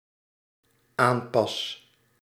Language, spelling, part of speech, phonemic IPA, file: Dutch, aanpas, verb, /ˈampɑs/, Nl-aanpas.ogg
- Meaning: first-person singular dependent-clause present indicative of aanpassen